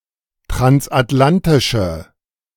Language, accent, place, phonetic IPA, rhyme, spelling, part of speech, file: German, Germany, Berlin, [tʁansʔatˈlantɪʃə], -antɪʃə, transatlantische, adjective, De-transatlantische.ogg
- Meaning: inflection of transatlantisch: 1. strong/mixed nominative/accusative feminine singular 2. strong nominative/accusative plural 3. weak nominative all-gender singular